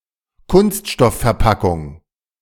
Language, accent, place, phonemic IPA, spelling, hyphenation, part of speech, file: German, Germany, Berlin, /ˈkʊnstʃtɔffɛɐ̯ˌpakʊŋ/, Kunststoffverpackung, Kunst‧stoff‧ver‧pa‧ckung, noun, De-Kunststoffverpackung.ogg
- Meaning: plastic container